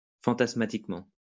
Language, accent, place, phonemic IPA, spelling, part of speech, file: French, France, Lyon, /fɑ̃.tas.ma.tik.mɑ̃/, fantasmatiquement, adverb, LL-Q150 (fra)-fantasmatiquement.wav
- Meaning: 1. fantastically 2. phantasmally